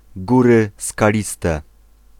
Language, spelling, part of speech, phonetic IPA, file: Polish, Góry Skaliste, proper noun, [ˈɡurɨ skaˈlʲistɛ], Pl-Góry Skaliste.ogg